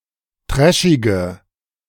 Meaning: inflection of trashig: 1. strong/mixed nominative/accusative feminine singular 2. strong nominative/accusative plural 3. weak nominative all-gender singular 4. weak accusative feminine/neuter singular
- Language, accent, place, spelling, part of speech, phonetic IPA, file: German, Germany, Berlin, trashige, adjective, [ˈtʁɛʃɪɡə], De-trashige.ogg